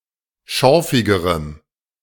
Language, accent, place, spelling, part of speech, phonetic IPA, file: German, Germany, Berlin, schorfigerem, adjective, [ˈʃɔʁfɪɡəʁəm], De-schorfigerem.ogg
- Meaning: strong dative masculine/neuter singular comparative degree of schorfig